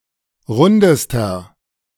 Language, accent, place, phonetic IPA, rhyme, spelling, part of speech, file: German, Germany, Berlin, [ˈʁʊndəstɐ], -ʊndəstɐ, rundester, adjective, De-rundester.ogg
- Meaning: inflection of rund: 1. strong/mixed nominative masculine singular superlative degree 2. strong genitive/dative feminine singular superlative degree 3. strong genitive plural superlative degree